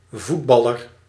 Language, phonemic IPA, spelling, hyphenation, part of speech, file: Dutch, /ˈvutˌbɑ.lər/, voetballer, voet‧bal‧ler, noun, Nl-voetballer.ogg
- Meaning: footballer (Britain); football player (Britain), soccer player (US, Canada, Australia)